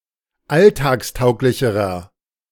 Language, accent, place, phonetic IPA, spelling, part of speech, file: German, Germany, Berlin, [ˈaltaːksˌtaʊ̯klɪçəʁɐ], alltagstauglicherer, adjective, De-alltagstauglicherer.ogg
- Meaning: inflection of alltagstauglich: 1. strong/mixed nominative masculine singular comparative degree 2. strong genitive/dative feminine singular comparative degree